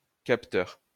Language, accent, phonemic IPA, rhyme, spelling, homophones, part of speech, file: French, France, /kap.tœʁ/, -œʁ, capteur, capteurs, noun, LL-Q150 (fra)-capteur.wav
- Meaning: 1. catcher 2. sensor